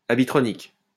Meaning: wearable (of electronics)
- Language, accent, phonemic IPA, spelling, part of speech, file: French, France, /a.bi.tʁɔ.nik/, habitronique, adjective, LL-Q150 (fra)-habitronique.wav